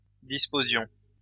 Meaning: inflection of disposer: 1. first-person plural imperfect indicative 2. first-person plural present subjunctive
- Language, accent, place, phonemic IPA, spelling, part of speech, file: French, France, Lyon, /dis.po.zjɔ̃/, disposions, verb, LL-Q150 (fra)-disposions.wav